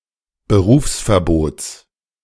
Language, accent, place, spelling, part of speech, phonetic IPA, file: German, Germany, Berlin, Berufsverbots, noun, [bəˈʁuːfsfɛɐ̯ˌboːt͡s], De-Berufsverbots.ogg
- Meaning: genitive singular of Berufsverbot